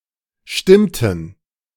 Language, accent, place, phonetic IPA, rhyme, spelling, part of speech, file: German, Germany, Berlin, [ˈʃtɪmtn̩], -ɪmtn̩, stimmten, verb, De-stimmten.ogg
- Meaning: inflection of stimmen: 1. first/third-person plural preterite 2. first/third-person plural subjunctive II